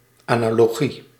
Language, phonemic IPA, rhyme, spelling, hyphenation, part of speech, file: Dutch, /ˌaː.naː.loːˈɣi/, -i, analogie, ana‧lo‧gie, noun, Nl-analogie.ogg
- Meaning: analogy